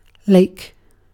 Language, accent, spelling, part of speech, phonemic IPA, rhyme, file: English, Southern England, lake, noun / verb, /leɪk/, -eɪk, En-uk-lake.ogg
- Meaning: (noun) 1. A large, landlocked stretch of water or similar liquid 2. A large amount of liquid 3. A small stream of running water; a channel for water; a drain 4. A pit, or ditch